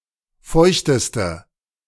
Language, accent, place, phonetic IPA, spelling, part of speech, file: German, Germany, Berlin, [ˈfɔɪ̯çtəstə], feuchteste, adjective, De-feuchteste.ogg
- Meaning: inflection of feucht: 1. strong/mixed nominative/accusative feminine singular superlative degree 2. strong nominative/accusative plural superlative degree